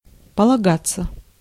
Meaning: 1. to rely on, to pin one's hopes on, to bank on 2. to be due to, be entitled to 3. to be proper, to be in order, to be expected 4. passive of полага́ть (polagátʹ)
- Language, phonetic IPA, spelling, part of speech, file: Russian, [pəɫɐˈɡat͡sːə], полагаться, verb, Ru-полагаться.ogg